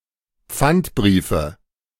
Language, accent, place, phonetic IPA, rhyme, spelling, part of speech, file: German, Germany, Berlin, [ˈp͡fantˌbʁiːfə], -antbʁiːfə, Pfandbriefe, noun, De-Pfandbriefe.ogg
- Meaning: nominative/accusative/genitive plural of Pfandbrief